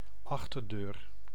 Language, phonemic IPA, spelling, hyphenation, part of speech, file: Dutch, /ˈɑx.tərˌdøːr/, achterdeur, ach‧ter‧deur, noun, Nl-achterdeur.ogg
- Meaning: back door